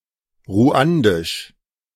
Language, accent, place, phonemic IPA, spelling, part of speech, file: German, Germany, Berlin, /ˈʁu̯andɪʃ/, ruandisch, adjective, De-ruandisch.ogg
- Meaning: Rwandan